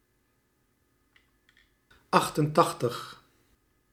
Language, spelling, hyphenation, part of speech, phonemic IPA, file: Dutch, achtentachtig, acht‧en‧tach‧tig, numeral, /ˌɑx.tənˈtɑx.təx/, Nl-achtentachtig.ogg
- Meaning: eighty-eight